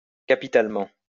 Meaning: capitally
- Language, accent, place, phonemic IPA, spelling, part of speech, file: French, France, Lyon, /ka.pi.tal.mɑ̃/, capitalement, adverb, LL-Q150 (fra)-capitalement.wav